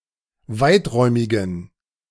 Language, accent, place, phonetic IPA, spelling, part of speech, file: German, Germany, Berlin, [ˈvaɪ̯tˌʁɔɪ̯mɪɡn̩], weiträumigen, adjective, De-weiträumigen.ogg
- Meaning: inflection of weiträumig: 1. strong genitive masculine/neuter singular 2. weak/mixed genitive/dative all-gender singular 3. strong/weak/mixed accusative masculine singular 4. strong dative plural